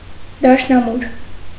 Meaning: piano
- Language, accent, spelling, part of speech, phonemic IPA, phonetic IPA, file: Armenian, Eastern Armenian, դաշնամուր, noun, /dɑʃnɑˈmuɾ/, [dɑʃnɑmúɾ], Hy-դաշնամուր.ogg